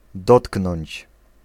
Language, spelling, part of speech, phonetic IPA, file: Polish, dotknąć, verb, [ˈdɔtknɔ̃ɲt͡ɕ], Pl-dotknąć.ogg